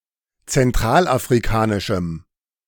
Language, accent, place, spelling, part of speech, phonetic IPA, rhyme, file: German, Germany, Berlin, zentralafrikanischem, adjective, [t͡sɛnˌtʁaːlʔafʁiˈkaːnɪʃm̩], -aːnɪʃm̩, De-zentralafrikanischem.ogg
- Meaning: strong dative masculine/neuter singular of zentralafrikanisch